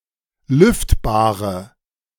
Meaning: inflection of lüftbar: 1. strong/mixed nominative/accusative feminine singular 2. strong nominative/accusative plural 3. weak nominative all-gender singular 4. weak accusative feminine/neuter singular
- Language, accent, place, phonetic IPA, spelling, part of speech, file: German, Germany, Berlin, [ˈlʏftbaːʁə], lüftbare, adjective, De-lüftbare.ogg